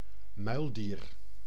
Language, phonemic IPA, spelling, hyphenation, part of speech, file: Dutch, /ˈmœy̯l.diːr/, muildier, muil‧dier, noun, Nl-muildier.ogg
- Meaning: mule (the sterile hybrid offspring of a male donkey or ass (he-ass, jackass, jack) and a female horse (mare))